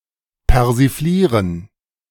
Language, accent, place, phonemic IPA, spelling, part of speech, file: German, Germany, Berlin, /pɛʁziˈfliːʁən/, persiflieren, verb, De-persiflieren.ogg
- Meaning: to satirize